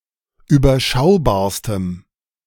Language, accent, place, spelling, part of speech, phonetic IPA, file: German, Germany, Berlin, überschaubarstem, adjective, [yːbɐˈʃaʊ̯baːɐ̯stəm], De-überschaubarstem.ogg
- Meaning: strong dative masculine/neuter singular superlative degree of überschaubar